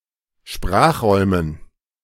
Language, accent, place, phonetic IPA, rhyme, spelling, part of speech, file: German, Germany, Berlin, [ˈʃpʁaːxˌʁɔɪ̯mən], -aːxʁɔɪ̯mən, Sprachräumen, noun, De-Sprachräumen.ogg
- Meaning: dative plural of Sprachraum